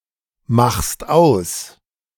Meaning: second-person singular present of ausmachen
- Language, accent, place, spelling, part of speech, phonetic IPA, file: German, Germany, Berlin, machst aus, verb, [ˌmaxst ˈaʊ̯s], De-machst aus.ogg